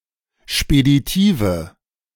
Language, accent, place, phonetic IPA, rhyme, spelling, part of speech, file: German, Germany, Berlin, [ʃpediˈtiːvə], -iːvə, speditive, adjective, De-speditive.ogg
- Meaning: inflection of speditiv: 1. strong/mixed nominative/accusative feminine singular 2. strong nominative/accusative plural 3. weak nominative all-gender singular